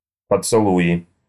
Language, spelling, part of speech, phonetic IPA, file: Russian, поцелуи, noun, [pət͡sɨˈɫuɪ], Ru-поцелуи.ogg
- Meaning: nominative/accusative plural of поцелу́й (pocelúj)